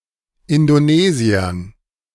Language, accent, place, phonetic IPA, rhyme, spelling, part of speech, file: German, Germany, Berlin, [ɪndoˈneːzi̯ɐn], -eːzi̯ɐn, Indonesiern, noun, De-Indonesiern.ogg
- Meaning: dative plural of Indonesier